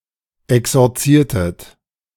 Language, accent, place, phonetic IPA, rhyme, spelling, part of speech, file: German, Germany, Berlin, [ɛksɔʁˈt͡siːɐ̯tət], -iːɐ̯tət, exorziertet, verb, De-exorziertet.ogg
- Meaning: inflection of exorzieren: 1. second-person plural preterite 2. second-person plural subjunctive II